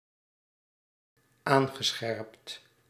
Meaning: past participle of aanscherpen
- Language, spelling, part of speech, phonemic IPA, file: Dutch, aangescherpt, verb, /ˈaŋɣəˌsxɛrᵊpt/, Nl-aangescherpt.ogg